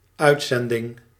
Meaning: 1. broadcast, also programme or episode 2. the act of sending someone somewhere (for a significant period of time)
- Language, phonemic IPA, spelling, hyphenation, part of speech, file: Dutch, /ˈœytsɛndɪŋ/, uitzending, uit‧zen‧ding, noun, Nl-uitzending.ogg